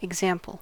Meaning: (noun) 1. Something that is representative of all such things in a group 2. Something that serves to illustrate or explain a rule
- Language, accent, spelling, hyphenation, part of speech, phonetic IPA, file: English, US, example, ex‧am‧ple, noun / verb, [ɪɡˈzɛəmpəɫ], En-us-example.ogg